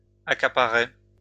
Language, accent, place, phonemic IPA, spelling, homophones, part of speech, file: French, France, Lyon, /a.ka.pa.ʁɛ/, accaparais, accaparaient / accaparait, verb, LL-Q150 (fra)-accaparais.wav
- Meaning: first/second-person singular imperfect indicative of accaparer